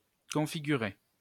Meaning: to configure (to set up or arrange something)
- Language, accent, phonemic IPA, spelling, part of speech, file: French, France, /kɔ̃.fi.ɡy.ʁe/, configurer, verb, LL-Q150 (fra)-configurer.wav